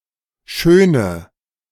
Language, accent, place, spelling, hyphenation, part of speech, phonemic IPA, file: German, Germany, Berlin, schöne, schö‧ne, adjective / verb, /ˈʃøːnə/, De-schöne.ogg
- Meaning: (adjective) inflection of schön: 1. strong/mixed nominative/accusative feminine singular 2. strong nominative/accusative plural 3. weak nominative all-gender singular